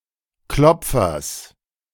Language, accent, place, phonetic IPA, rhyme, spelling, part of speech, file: German, Germany, Berlin, [ˈklɔp͡fɐs], -ɔp͡fɐs, Klopfers, noun, De-Klopfers.ogg
- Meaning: genitive of Klopfer